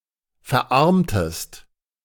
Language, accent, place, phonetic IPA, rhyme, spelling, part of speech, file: German, Germany, Berlin, [fɛɐ̯ˈʔaʁmtəst], -aʁmtəst, verarmtest, verb, De-verarmtest.ogg
- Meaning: inflection of verarmen: 1. second-person singular preterite 2. second-person singular subjunctive II